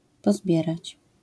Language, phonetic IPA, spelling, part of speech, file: Polish, [pɔˈzbʲjɛrat͡ɕ], pozbierać, verb, LL-Q809 (pol)-pozbierać.wav